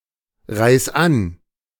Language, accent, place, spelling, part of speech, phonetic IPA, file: German, Germany, Berlin, reis an, verb, [ˌʁaɪ̯s ˈan], De-reis an.ogg
- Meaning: 1. singular imperative of anreisen 2. first-person singular present of anreisen